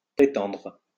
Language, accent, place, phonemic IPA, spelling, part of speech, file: French, France, Lyon, /pʁe.tɑ̃dʁ/, prætendre, verb, LL-Q150 (fra)-prætendre.wav
- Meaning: obsolete form of prétendre